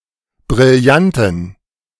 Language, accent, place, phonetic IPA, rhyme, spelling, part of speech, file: German, Germany, Berlin, [bʁɪlˈjantn̩], -antn̩, Brillanten, noun, De-Brillanten.ogg
- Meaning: plural of Brillant